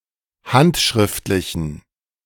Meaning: inflection of handschriftlich: 1. strong genitive masculine/neuter singular 2. weak/mixed genitive/dative all-gender singular 3. strong/weak/mixed accusative masculine singular 4. strong dative plural
- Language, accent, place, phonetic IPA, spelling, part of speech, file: German, Germany, Berlin, [ˈhantʃʁɪftlɪçn̩], handschriftlichen, adjective, De-handschriftlichen.ogg